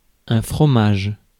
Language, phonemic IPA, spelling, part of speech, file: French, /fʁɔ.maʒ/, fromage, noun, Fr-fromage.ogg
- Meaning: cheese